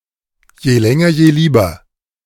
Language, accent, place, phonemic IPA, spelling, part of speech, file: German, Germany, Berlin, /jeːˈlɛŋɐjeːˈliːbɐ/, Jelängerjelieber, noun, De-Jelängerjelieber.ogg
- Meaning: 1. Italian honeysuckle 2. woody nightshade 3. yellow bugle